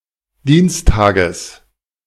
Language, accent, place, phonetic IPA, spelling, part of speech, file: German, Germany, Berlin, [ˈdiːnsˌtaːɡəs], Dienstages, noun, De-Dienstages.ogg
- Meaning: genitive singular of Dienstag